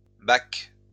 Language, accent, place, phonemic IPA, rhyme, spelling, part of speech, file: French, France, Lyon, /bak/, -ak, bacs, noun, LL-Q150 (fra)-bacs.wav
- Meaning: plural of bac